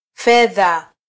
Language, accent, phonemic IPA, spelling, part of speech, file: Swahili, Kenya, /ˈfɛ.ðɑ/, fedha, noun, Sw-ke-fedha.flac
- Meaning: 1. silver (chemical element) 2. money 3. finance